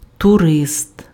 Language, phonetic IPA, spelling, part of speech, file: Ukrainian, [tʊˈrɪst], турист, noun, Uk-турист.ogg
- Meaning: tourist